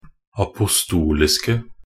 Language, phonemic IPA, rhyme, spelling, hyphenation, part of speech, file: Norwegian Bokmål, /apʊsˈtuːlɪskə/, -ɪskə, apostoliske, a‧po‧stol‧is‧ke, adjective, Nb-apostoliske.ogg
- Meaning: 1. definite singular of apostolisk 2. plural of apostolisk 3. predicative superlative degree of apostolisk 4. attributive superlative degree of apostolisk